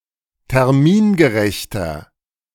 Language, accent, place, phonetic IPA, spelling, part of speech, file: German, Germany, Berlin, [tɛʁˈmiːnɡəˌʁɛçtɐ], termingerechter, adjective, De-termingerechter.ogg
- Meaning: inflection of termingerecht: 1. strong/mixed nominative masculine singular 2. strong genitive/dative feminine singular 3. strong genitive plural